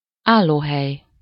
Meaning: standing room, standing place (space in a public area, e.g. on public transport or at a sports or entertainment venue, for people to stand)
- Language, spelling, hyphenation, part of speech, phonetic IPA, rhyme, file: Hungarian, állóhely, ál‧ló‧hely, noun, [ˈaːlːoːɦɛj], -ɛj, Hu-állóhely.ogg